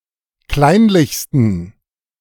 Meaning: 1. superlative degree of kleinlich 2. inflection of kleinlich: strong genitive masculine/neuter singular superlative degree
- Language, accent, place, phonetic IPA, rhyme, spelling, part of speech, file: German, Germany, Berlin, [ˈklaɪ̯nlɪçstn̩], -aɪ̯nlɪçstn̩, kleinlichsten, adjective, De-kleinlichsten.ogg